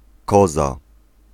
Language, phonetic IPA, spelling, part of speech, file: Polish, [ˈkɔza], koza, noun, Pl-koza.ogg